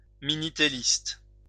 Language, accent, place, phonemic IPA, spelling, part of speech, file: French, France, Lyon, /mi.ni.te.list/, minitéliste, noun, LL-Q150 (fra)-minitéliste.wav
- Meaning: Minitel user